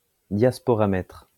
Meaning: diasporameter
- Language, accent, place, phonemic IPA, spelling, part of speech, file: French, France, Lyon, /djas.pɔ.ʁa.mɛtʁ/, diasporamètre, noun, LL-Q150 (fra)-diasporamètre.wav